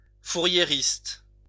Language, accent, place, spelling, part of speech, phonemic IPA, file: French, France, Lyon, fouriériste, adjective, /fu.ʁje.ʁist/, LL-Q150 (fra)-fouriériste.wav
- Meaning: Fourierist